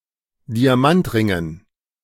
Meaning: dative plural of Diamantring
- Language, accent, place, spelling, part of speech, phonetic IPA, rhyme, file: German, Germany, Berlin, Diamantringen, noun, [diaˈmantˌʁɪŋən], -antʁɪŋən, De-Diamantringen.ogg